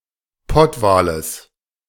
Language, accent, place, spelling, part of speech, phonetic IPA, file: German, Germany, Berlin, Pottwales, noun, [ˈpɔtvaːləs], De-Pottwales.ogg
- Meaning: genitive singular of Pottwal